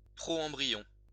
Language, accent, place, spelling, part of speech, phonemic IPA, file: French, France, Lyon, proembryon, noun, /pʁɔ.ɑ̃.bʁi.jɔ̃/, LL-Q150 (fra)-proembryon.wav
- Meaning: proembryo